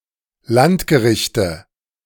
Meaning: nominative/accusative/genitive plural of Landgericht
- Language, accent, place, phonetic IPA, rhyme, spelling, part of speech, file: German, Germany, Berlin, [ˈlantɡəˌʁɪçtə], -antɡəʁɪçtə, Landgerichte, noun, De-Landgerichte.ogg